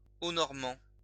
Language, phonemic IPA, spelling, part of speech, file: French, /nɔʁ.mɑ̃/, normand, adjective, LL-Q150 (fra)-normand.wav
- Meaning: Norman (of, from or relating to the region of Normandy, France)